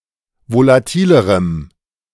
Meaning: strong dative masculine/neuter singular comparative degree of volatil
- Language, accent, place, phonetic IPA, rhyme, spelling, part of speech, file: German, Germany, Berlin, [volaˈtiːləʁəm], -iːləʁəm, volatilerem, adjective, De-volatilerem.ogg